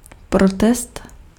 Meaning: protest
- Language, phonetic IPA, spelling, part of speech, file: Czech, [ˈprotɛst], protest, noun, Cs-protest.ogg